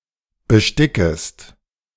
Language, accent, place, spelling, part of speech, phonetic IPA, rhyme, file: German, Germany, Berlin, bestickest, verb, [bəˈʃtɪkəst], -ɪkəst, De-bestickest.ogg
- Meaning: second-person singular subjunctive I of besticken